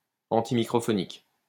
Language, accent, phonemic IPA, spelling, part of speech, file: French, France, /ɑ̃.ti.mi.kʁɔ.fɔ.nik/, antimicrophonique, adjective, LL-Q150 (fra)-antimicrophonique.wav
- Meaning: antimicrophonic